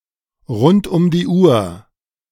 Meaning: around the clock, 24/7
- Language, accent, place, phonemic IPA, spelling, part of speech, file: German, Germany, Berlin, /ʁʊnt ʔʊm diː ʔuːɐ̯/, rund um die Uhr, adverb, De-rund um die Uhr.ogg